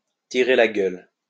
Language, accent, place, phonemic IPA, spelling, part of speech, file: French, France, Lyon, /ti.ʁe la ɡœl/, tirer la gueule, verb, LL-Q150 (fra)-tirer la gueule.wav
- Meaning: to sulk, to pout, to be in a huff